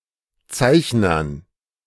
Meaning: dative plural of Zeichner
- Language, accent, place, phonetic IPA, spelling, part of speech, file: German, Germany, Berlin, [ˈt͡saɪ̯çnɐn], Zeichnern, noun, De-Zeichnern.ogg